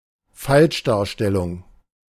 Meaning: misrepresentation
- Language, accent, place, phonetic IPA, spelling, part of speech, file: German, Germany, Berlin, [ˈfalʃdaːɐ̯ˌʃtɛlʊŋ], Falschdarstellung, noun, De-Falschdarstellung.ogg